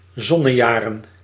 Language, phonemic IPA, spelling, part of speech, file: Dutch, /ˈzɔ.nə.ˌja.rə(n)/, zonnejaren, noun, Nl-zonnejaren.ogg
- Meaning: plural of zonnejaar